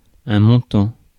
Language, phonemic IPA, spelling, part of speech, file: French, /mɔ̃.tɑ̃/, montant, adjective / noun / verb, Fr-montant.ogg
- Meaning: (adjective) 1. upwards, climbing 2. uphill; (noun) 1. a (monetary) amount 2. a structural montant; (verb) present participle of monter